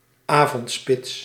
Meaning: evening rush hour
- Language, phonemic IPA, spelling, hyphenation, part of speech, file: Dutch, /ˈaː.vɔntˌspɪts/, avondspits, avond‧spits, noun, Nl-avondspits.ogg